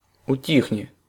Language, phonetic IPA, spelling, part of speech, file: Russian, [ʊˈtʲixnʲɪ], утихни, verb, Ru-утихни.ogg
- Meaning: second-person singular imperative perfective of ути́хнуть (utíxnutʹ)